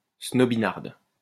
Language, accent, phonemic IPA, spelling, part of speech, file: French, France, /snɔ.bi.naʁd/, snobinarde, adjective / noun, LL-Q150 (fra)-snobinarde.wav
- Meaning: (adjective) feminine singular of snobinard; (noun) female equivalent of snobinard